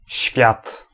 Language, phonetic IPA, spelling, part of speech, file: Polish, [ɕfʲjat], świat, noun, Pl-świat.ogg